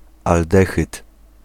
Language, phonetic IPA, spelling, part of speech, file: Polish, [alˈdɛxɨt], aldehyd, noun, Pl-aldehyd.ogg